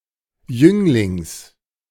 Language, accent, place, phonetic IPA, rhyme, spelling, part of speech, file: German, Germany, Berlin, [ˈjʏŋlɪŋs], -ʏŋlɪŋs, Jünglings, noun, De-Jünglings.ogg
- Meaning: genitive singular of Jüngling